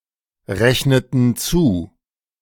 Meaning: inflection of zurechnen: 1. first/third-person plural preterite 2. first/third-person plural subjunctive II
- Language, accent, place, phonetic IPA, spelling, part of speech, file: German, Germany, Berlin, [ˌʁɛçnətn̩ ˈt͡suː], rechneten zu, verb, De-rechneten zu.ogg